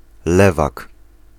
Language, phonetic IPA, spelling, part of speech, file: Polish, [ˈlɛvak], lewak, noun, Pl-lewak.ogg